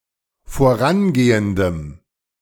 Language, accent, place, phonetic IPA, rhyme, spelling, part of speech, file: German, Germany, Berlin, [foˈʁanˌɡeːəndəm], -anɡeːəndəm, vorangehendem, adjective, De-vorangehendem.ogg
- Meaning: strong dative masculine/neuter singular of vorangehend